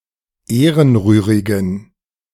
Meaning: inflection of ehrenrührig: 1. strong genitive masculine/neuter singular 2. weak/mixed genitive/dative all-gender singular 3. strong/weak/mixed accusative masculine singular 4. strong dative plural
- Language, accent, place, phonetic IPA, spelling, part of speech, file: German, Germany, Berlin, [ˈeːʁənˌʁyːʁɪɡn̩], ehrenrührigen, adjective, De-ehrenrührigen.ogg